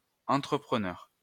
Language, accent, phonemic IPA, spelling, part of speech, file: French, France, /ɑ̃.tʁə.pʁə.nœʁ/, entrepreneur, noun, LL-Q150 (fra)-entrepreneur.wav
- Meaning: entrepreneur (person who organizes and operates a business venture)